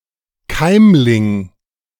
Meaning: 1. embryo 2. seedling
- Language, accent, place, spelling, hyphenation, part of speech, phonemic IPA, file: German, Germany, Berlin, Keimling, Keim‧ling, noun, /ˈkaɪ̯mlɪŋ/, De-Keimling.ogg